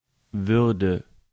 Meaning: first/third-person singular subjunctive II of werden
- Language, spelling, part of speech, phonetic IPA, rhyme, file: German, würde, verb, [ˈvʏʁdə], -ʏʁdə, De-würde.ogg